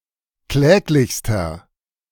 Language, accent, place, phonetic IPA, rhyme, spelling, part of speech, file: German, Germany, Berlin, [ˈklɛːklɪçstɐ], -ɛːklɪçstɐ, kläglichster, adjective, De-kläglichster.ogg
- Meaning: inflection of kläglich: 1. strong/mixed nominative masculine singular superlative degree 2. strong genitive/dative feminine singular superlative degree 3. strong genitive plural superlative degree